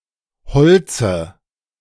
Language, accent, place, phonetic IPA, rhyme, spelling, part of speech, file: German, Germany, Berlin, [ˈhɔlt͡sə], -ɔlt͡sə, Holze, noun, De-Holze.ogg
- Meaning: dative singular of Holz